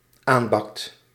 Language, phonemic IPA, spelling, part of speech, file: Dutch, /ˈambɑkt/, aanbakt, verb, Nl-aanbakt.ogg
- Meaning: second/third-person singular dependent-clause present indicative of aanbakken